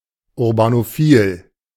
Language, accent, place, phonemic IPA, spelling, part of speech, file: German, Germany, Berlin, /ʊʁbanoˈfiːl/, urbanophil, adjective, De-urbanophil.ogg
- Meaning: urbanophilic